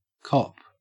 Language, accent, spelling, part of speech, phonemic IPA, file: English, Australia, cop, verb / noun, /kɔp/, En-au-cop.ogg
- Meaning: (verb) 1. To capture or arrest someone 2. To obtain, to purchase (items including but not limited to drugs), to get hold of, to take